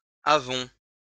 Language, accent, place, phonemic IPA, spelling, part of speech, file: French, France, Lyon, /a.vɔ̃/, avons, verb, LL-Q150 (fra)-avons.wav
- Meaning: first-person plural present indicative of avoir